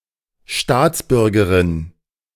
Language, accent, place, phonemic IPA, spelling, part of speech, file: German, Germany, Berlin, /ˈʃtaːtsˌbʏʁɡɐʁɪn/, Staatsbürgerin, noun, De-Staatsbürgerin.ogg
- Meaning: citizen (legal member of a state)